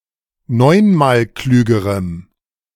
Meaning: strong dative masculine/neuter singular comparative degree of neunmalklug
- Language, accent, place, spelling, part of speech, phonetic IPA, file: German, Germany, Berlin, neunmalklügerem, adjective, [ˈnɔɪ̯nmaːlˌklyːɡəʁəm], De-neunmalklügerem.ogg